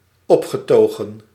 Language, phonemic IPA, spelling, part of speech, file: Dutch, /ˈɔpxəˌtoɣə(n)/, opgetogen, adjective / adverb, Nl-opgetogen.ogg
- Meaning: ecstatic, excited